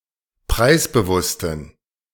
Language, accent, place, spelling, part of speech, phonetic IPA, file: German, Germany, Berlin, preisbewussten, adjective, [ˈpʁaɪ̯sbəˌvʊstn̩], De-preisbewussten.ogg
- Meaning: inflection of preisbewusst: 1. strong genitive masculine/neuter singular 2. weak/mixed genitive/dative all-gender singular 3. strong/weak/mixed accusative masculine singular 4. strong dative plural